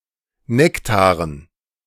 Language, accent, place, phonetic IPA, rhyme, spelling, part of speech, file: German, Germany, Berlin, [ˈnɛktaːʁən], -ɛktaːʁən, Nektaren, noun, De-Nektaren.ogg
- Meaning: dative plural of Nektar